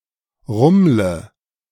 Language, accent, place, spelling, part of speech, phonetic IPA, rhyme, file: German, Germany, Berlin, rummle, verb, [ˈʁʊmlə], -ʊmlə, De-rummle.ogg
- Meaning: inflection of rummeln: 1. first-person singular present 2. first/third-person singular subjunctive I 3. singular imperative